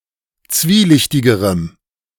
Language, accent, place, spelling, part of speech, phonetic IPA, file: German, Germany, Berlin, zwielichtigerem, adjective, [ˈt͡sviːˌlɪçtɪɡəʁəm], De-zwielichtigerem.ogg
- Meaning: strong dative masculine/neuter singular comparative degree of zwielichtig